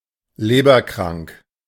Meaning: having a liver disease
- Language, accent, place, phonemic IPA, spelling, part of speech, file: German, Germany, Berlin, /ˈleːbɐˌkʁaŋk/, leberkrank, adjective, De-leberkrank.ogg